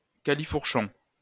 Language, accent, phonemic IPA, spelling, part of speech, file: French, France, /ka.li.fuʁ.ʃɔ̃/, califourchon, noun, LL-Q150 (fra)-califourchon.wav
- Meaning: only used in à califourchon